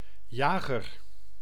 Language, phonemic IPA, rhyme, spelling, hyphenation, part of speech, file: Dutch, /ˈjaːɣər/, -aːɣər, jager, ja‧ger, noun, Nl-jager.ogg
- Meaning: 1. hunter 2. destroyer (type of warship) 3. fighter, combat aeroplane 4. jaeger, light infantry rifleman, ranger 5. skua, any bird of the genus Stercorarius